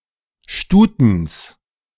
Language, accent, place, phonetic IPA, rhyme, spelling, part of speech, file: German, Germany, Berlin, [ˈʃtuːtn̩s], -uːtn̩s, Stutens, noun, De-Stutens.ogg
- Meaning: genitive singular of Stuten